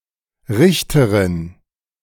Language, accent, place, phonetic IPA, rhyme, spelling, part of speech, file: German, Germany, Berlin, [ˈʁɪçtəʁɪn], -ɪçtəʁɪn, Richterin, noun, De-Richterin.ogg
- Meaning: female judge